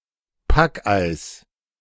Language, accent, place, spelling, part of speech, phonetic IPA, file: German, Germany, Berlin, Packeis, noun, [ˈpakˌʔaɪ̯s], De-Packeis.ogg
- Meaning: pack ice